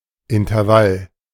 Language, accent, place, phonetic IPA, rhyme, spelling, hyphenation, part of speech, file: German, Germany, Berlin, [ɪntɐˈval], -al, Intervall, In‧ter‧vall, noun, De-Intervall.ogg
- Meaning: 1. interval (distance in time) 2. interval